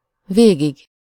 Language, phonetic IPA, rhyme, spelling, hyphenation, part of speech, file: Hungarian, [ˈveːɡiɡ], -iɡ, végig, vé‧gig, adverb / noun, Hu-végig.ogg
- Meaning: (adverb) all the way, to the last, all along, through; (noun) terminative singular of vég